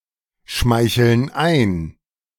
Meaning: inflection of einschmeicheln: 1. first/third-person plural present 2. first/third-person plural subjunctive I
- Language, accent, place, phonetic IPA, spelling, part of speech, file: German, Germany, Berlin, [ˌʃmaɪ̯çl̩n ˈaɪ̯n], schmeicheln ein, verb, De-schmeicheln ein.ogg